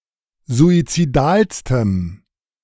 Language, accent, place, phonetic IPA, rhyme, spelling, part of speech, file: German, Germany, Berlin, [zuit͡siˈdaːlstəm], -aːlstəm, suizidalstem, adjective, De-suizidalstem.ogg
- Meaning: strong dative masculine/neuter singular superlative degree of suizidal